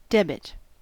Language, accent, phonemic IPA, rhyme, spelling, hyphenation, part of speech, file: English, US, /ˈdɛb.ɪt/, -ɛbɪt, debit, deb‧it, noun / verb / adjective, En-us-debit.ogg
- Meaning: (noun) In bookkeeping, an entry in the left hand column of an account